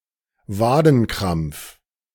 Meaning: calf-muscle cramp; charley horse
- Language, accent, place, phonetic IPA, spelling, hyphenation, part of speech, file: German, Germany, Berlin, [ˈvaːdn̩ˌkʁamp͡f], Wadenkrampf, Wa‧den‧krampf, noun, De-Wadenkrampf.ogg